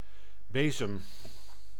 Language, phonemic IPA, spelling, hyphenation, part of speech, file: Dutch, /ˈbeː.zəm/, bezem, be‧zem, noun / verb, Nl-bezem.ogg
- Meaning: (noun) broom (utensil consisting of fibers and a long handle, used for sweeping); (verb) inflection of bezemen: 1. first-person singular present indicative 2. second-person singular present indicative